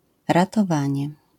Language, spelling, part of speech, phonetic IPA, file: Polish, ratowanie, noun, [ˌratɔˈvãɲɛ], LL-Q809 (pol)-ratowanie.wav